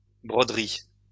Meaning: plural of broderie
- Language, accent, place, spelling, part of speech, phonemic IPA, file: French, France, Lyon, broderies, noun, /bʁɔ.dʁi/, LL-Q150 (fra)-broderies.wav